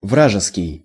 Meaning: enemy, hostile
- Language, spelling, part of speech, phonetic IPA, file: Russian, вражеский, adjective, [ˈvraʐɨskʲɪj], Ru-вражеский.ogg